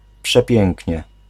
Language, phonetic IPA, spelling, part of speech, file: Polish, [pʃɛˈpʲjɛ̃ŋʲcɲɛ], przepięknie, adverb, Pl-przepięknie.ogg